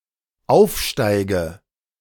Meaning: inflection of aufsteigen: 1. first-person singular dependent present 2. first/third-person singular dependent subjunctive I
- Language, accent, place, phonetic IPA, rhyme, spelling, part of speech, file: German, Germany, Berlin, [ˈaʊ̯fˌʃtaɪ̯ɡə], -aʊ̯fʃtaɪ̯ɡə, aufsteige, verb, De-aufsteige.ogg